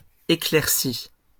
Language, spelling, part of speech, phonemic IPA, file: French, éclaircie, noun / verb, /e.klɛʁ.si/, LL-Q150 (fra)-éclaircie.wav
- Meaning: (noun) sunny spell, bright interval; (verb) feminine singular of éclairci